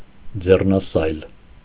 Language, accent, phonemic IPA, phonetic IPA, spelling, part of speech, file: Armenian, Eastern Armenian, /d͡zernɑˈsɑjl/, [d͡zernɑsɑ́jl], ձեռնասայլ, noun, Hy-ձեռնասայլ.ogg
- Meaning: handcart